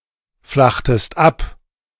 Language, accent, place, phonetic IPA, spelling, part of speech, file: German, Germany, Berlin, [ˌflaxtəst ˈap], flachtest ab, verb, De-flachtest ab.ogg
- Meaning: inflection of abflachen: 1. second-person singular preterite 2. second-person singular subjunctive II